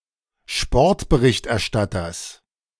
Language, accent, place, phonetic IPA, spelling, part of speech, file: German, Germany, Berlin, [ˈʃpɔʁtbəʁɪçtʔɛɐ̯ˌʃtatɐs], Sportberichterstatters, noun, De-Sportberichterstatters.ogg
- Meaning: genitive of Sportberichterstatter